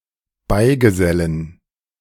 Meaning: 1. to associate (someone with someone else) 2. to associate (someone with God) 3. to join (someone)
- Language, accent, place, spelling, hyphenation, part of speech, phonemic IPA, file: German, Germany, Berlin, beigesellen, bei‧ge‧sel‧len, verb, /ˈbaɪ̯ɡəˌzɛlən/, De-beigesellen.ogg